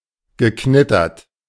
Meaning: past participle of knittern
- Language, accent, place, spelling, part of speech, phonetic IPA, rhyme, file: German, Germany, Berlin, geknittert, verb, [ɡəˈknɪtɐt], -ɪtɐt, De-geknittert.ogg